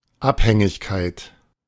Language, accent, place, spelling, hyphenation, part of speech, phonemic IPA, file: German, Germany, Berlin, Abhängigkeit, Ab‧hän‧gig‧keit, noun, /ˈaphɛŋɪçˌkaɪ̯t/, De-Abhängigkeit.ogg
- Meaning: 1. dependence 2. dependency 3. addiction, dependence